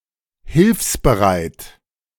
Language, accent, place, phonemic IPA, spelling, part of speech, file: German, Germany, Berlin, /ˈhɪlfsbəˌʁaɪ̯t/, hilfsbereit, adjective, De-hilfsbereit.ogg
- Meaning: helpful